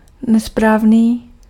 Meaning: 1. incorrect 2. improper
- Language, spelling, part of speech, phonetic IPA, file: Czech, nesprávný, adjective, [ˈnɛspraːvniː], Cs-nesprávný.ogg